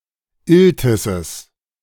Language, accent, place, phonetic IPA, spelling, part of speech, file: German, Germany, Berlin, [ˈɪltɪsəs], Iltisses, noun, De-Iltisses.ogg
- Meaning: genitive singular of Iltis